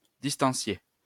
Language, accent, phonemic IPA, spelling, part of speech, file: French, France, /dis.tɑ̃.sje/, distancier, verb, LL-Q150 (fra)-distancier.wav
- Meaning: to distance (be detached)